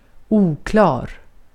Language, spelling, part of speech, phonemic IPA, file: Swedish, oklar, adjective, /ˈuːklɑːr/, Sv-oklar.ogg
- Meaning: 1. unclear (hard to see, blurred, or the like) 2. unclear, uncertain, vague, blurred